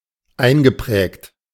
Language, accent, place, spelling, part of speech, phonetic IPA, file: German, Germany, Berlin, eingeprägt, verb, [ˈaɪ̯nɡəˌpʁɛːkt], De-eingeprägt.ogg
- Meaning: past participle of einprägen